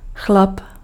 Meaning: dude (man)
- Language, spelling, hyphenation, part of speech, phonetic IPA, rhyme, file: Czech, chlap, chlap, noun, [ˈxlap], -ap, Cs-chlap.ogg